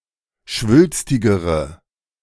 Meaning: inflection of schwülstig: 1. strong/mixed nominative/accusative feminine singular comparative degree 2. strong nominative/accusative plural comparative degree
- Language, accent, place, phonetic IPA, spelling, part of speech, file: German, Germany, Berlin, [ˈʃvʏlstɪɡəʁə], schwülstigere, adjective, De-schwülstigere.ogg